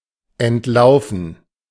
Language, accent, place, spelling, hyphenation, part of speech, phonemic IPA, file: German, Germany, Berlin, entlaufen, ent‧lau‧fen, verb / adjective, /ɛntˈlaʊ̯fn̩/, De-entlaufen.ogg
- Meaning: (verb) 1. to run away, to escape 2. past participle of entlaufen; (adjective) runaway, eloped, escaped